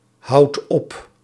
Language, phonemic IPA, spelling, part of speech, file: Dutch, /ˈhɑut ˈɔp/, houdt op, verb, Nl-houdt op.ogg
- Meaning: inflection of ophouden: 1. second/third-person singular present indicative 2. plural imperative